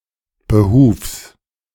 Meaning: genitive singular of Behuf
- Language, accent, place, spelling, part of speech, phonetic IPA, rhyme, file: German, Germany, Berlin, Behufs, noun, [bəˈhuːfs], -uːfs, De-Behufs.ogg